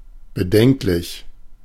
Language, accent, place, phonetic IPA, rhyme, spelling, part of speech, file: German, Germany, Berlin, [bəˈdɛŋklɪç], -ɛŋklɪç, bedenklich, adjective, De-bedenklich.ogg
- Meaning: 1. serious, grave 2. questionable, dubious